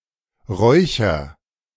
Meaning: inflection of räuchern: 1. first-person singular present 2. singular imperative
- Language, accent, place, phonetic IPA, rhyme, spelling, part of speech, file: German, Germany, Berlin, [ˈʁɔɪ̯çɐ], -ɔɪ̯çɐ, räucher, verb, De-räucher.ogg